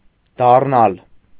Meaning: 1. to become; to turn into 2. to return, to come back 3. to turn, to change direction
- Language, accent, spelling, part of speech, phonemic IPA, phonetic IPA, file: Armenian, Eastern Armenian, դառնալ, verb, /dɑrˈnɑl/, [dɑrnɑ́l], Hy-դառնալ.ogg